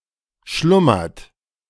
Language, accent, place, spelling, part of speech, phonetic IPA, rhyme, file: German, Germany, Berlin, schlummert, verb, [ˈʃlʊmɐt], -ʊmɐt, De-schlummert.ogg
- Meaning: inflection of schlummern: 1. third-person singular present 2. second-person plural present 3. plural imperative